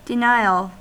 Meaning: 1. An assertion of untruth 2. The negation in logic 3. A refusal or failure to provide or grant something that is requested or desired 4. Refusal to believe that a problem exists
- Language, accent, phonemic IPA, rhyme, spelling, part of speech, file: English, US, /dɪˈnaɪ.əl/, -aɪəl, denial, noun, En-us-denial.ogg